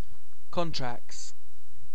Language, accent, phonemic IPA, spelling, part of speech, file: English, UK, /ˈkɒn.tɹækts/, contracts, noun, En-uk-contracts.ogg
- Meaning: plural of contract